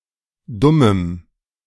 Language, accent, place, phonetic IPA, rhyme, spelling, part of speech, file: German, Germany, Berlin, [ˈdʊməm], -ʊməm, dummem, adjective, De-dummem.ogg
- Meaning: strong dative masculine/neuter singular of dumm